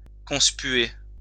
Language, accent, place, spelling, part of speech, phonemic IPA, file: French, France, Lyon, conspuer, verb, /kɔ̃s.pɥe/, LL-Q150 (fra)-conspuer.wav
- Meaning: to boo, to shout down; to vigorously express disapproval, scorn, or contempt of